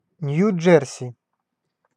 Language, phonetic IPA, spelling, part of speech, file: Russian, [ˌnʲju ˈd͡ʐʐɛrsʲɪ], Нью-Джерси, proper noun, Ru-Нью-Джерси.ogg
- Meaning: New Jersey (a state in the northeastern United States)